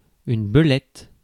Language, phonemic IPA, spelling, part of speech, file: French, /bə.lɛt/, belette, noun, Fr-belette.ogg
- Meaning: weasel (specifically, the least weasel)